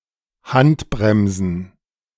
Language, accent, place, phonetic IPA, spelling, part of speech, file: German, Germany, Berlin, [ˈhantˌbʁɛmzn̩], Handbremsen, noun, De-Handbremsen.ogg
- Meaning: plural of Handbremse